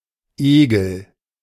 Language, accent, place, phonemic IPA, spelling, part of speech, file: German, Germany, Berlin, /ˈeːɡəl/, Egel, noun, De-Egel.ogg
- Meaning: leech